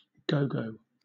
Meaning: 1. An elasticated hair band 2. Grandmother; elderly woman
- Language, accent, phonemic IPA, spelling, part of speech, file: English, Southern England, /ˈɡəʊɡəʊ/, gogo, noun, LL-Q1860 (eng)-gogo.wav